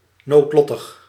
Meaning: 1. catastrophic, disastrous 2. fatal, lethal
- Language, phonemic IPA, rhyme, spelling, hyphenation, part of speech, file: Dutch, /ˌnoːtˈlɔ.təx/, -ɔtəx, noodlottig, nood‧lot‧tig, adjective, Nl-noodlottig.ogg